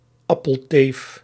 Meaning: Insult for an apple saleswoman
- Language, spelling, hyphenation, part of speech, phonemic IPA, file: Dutch, appelteef, ap‧pel‧teef, noun, /ˈɑ.pəlˌteːf/, Nl-appelteef.ogg